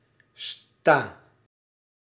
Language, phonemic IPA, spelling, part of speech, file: Dutch, /sta/, sta, verb, Nl-sta.ogg
- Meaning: inflection of staan: 1. first-person singular present indicative 2. second-person singular present indicative 3. imperative 4. singular present subjunctive